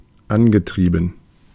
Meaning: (verb) past participle of antreiben; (adjective) driven, propelled, powered
- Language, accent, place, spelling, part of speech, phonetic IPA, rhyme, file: German, Germany, Berlin, angetrieben, verb, [ˈanɡəˌtʁiːbn̩], -anɡətʁiːbn̩, De-angetrieben.ogg